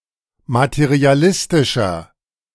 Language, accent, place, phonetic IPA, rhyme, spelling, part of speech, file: German, Germany, Berlin, [matəʁiaˈlɪstɪʃɐ], -ɪstɪʃɐ, materialistischer, adjective, De-materialistischer.ogg
- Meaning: 1. comparative degree of materialistisch 2. inflection of materialistisch: strong/mixed nominative masculine singular 3. inflection of materialistisch: strong genitive/dative feminine singular